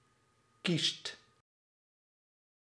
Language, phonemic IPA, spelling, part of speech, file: Dutch, /kist/, kiest, verb / adjective, Nl-kiest.ogg
- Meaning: inflection of kiezen: 1. second/third-person singular present indicative 2. plural imperative